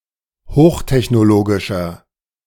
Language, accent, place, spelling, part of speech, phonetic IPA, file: German, Germany, Berlin, hochtechnologischer, adjective, [ˈhoːxtɛçnoˌloːɡɪʃɐ], De-hochtechnologischer.ogg
- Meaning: inflection of hochtechnologisch: 1. strong/mixed nominative masculine singular 2. strong genitive/dative feminine singular 3. strong genitive plural